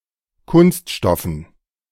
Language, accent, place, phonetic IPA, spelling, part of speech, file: German, Germany, Berlin, [ˈkʊnstˌʃtɔfn̩], Kunststoffen, noun, De-Kunststoffen.ogg
- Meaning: dative plural of Kunststoff